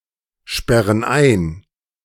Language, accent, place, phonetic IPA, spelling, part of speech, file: German, Germany, Berlin, [ˌʃpɛʁən ˈaɪ̯n], sperren ein, verb, De-sperren ein.ogg
- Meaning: inflection of einsperren: 1. first/third-person plural present 2. first/third-person plural subjunctive I